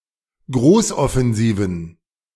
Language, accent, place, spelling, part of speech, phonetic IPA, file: German, Germany, Berlin, Großoffensiven, noun, [ˈɡʁoːsʔɔfɛnˌziːvn̩], De-Großoffensiven.ogg
- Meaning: plural of Großoffensive